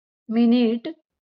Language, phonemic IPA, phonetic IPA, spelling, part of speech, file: Marathi, /mi.niʈ/, [mi.niːʈ], मिनिट, noun, LL-Q1571 (mar)-मिनिट.wav
- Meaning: minute